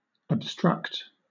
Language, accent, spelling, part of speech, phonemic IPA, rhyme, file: English, Southern England, obstruct, verb, /əbˈstɹʌkt/, -ʌkt, LL-Q1860 (eng)-obstruct.wav
- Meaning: 1. To block or fill (a passage) with obstacles or an obstacle 2. To impede, retard, or interfere with; hinder 3. To get in the way of so as to hide from sight